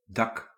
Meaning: roof
- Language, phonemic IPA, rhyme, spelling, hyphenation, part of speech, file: Dutch, /dɑk/, -ɑk, dak, dak, noun, Nl-dak.ogg